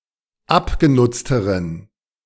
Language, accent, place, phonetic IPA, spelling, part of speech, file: German, Germany, Berlin, [ˈapɡeˌnʊt͡stəʁən], abgenutzteren, adjective, De-abgenutzteren.ogg
- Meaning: inflection of abgenutzt: 1. strong genitive masculine/neuter singular comparative degree 2. weak/mixed genitive/dative all-gender singular comparative degree